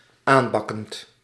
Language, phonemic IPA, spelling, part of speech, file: Dutch, /ˈambɑkənt/, aanbakkend, verb, Nl-aanbakkend.ogg
- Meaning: present participle of aanbakken